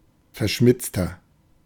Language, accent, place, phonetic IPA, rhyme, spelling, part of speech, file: German, Germany, Berlin, [fɛɐ̯ˈʃmɪt͡stɐ], -ɪt͡stɐ, verschmitzter, adjective, De-verschmitzter.ogg
- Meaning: 1. comparative degree of verschmitzt 2. inflection of verschmitzt: strong/mixed nominative masculine singular 3. inflection of verschmitzt: strong genitive/dative feminine singular